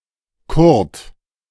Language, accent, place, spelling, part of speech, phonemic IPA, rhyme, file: German, Germany, Berlin, Kurt, proper noun, /kʊʁt/, -ʊʁt, De-Kurt.ogg
- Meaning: a male given name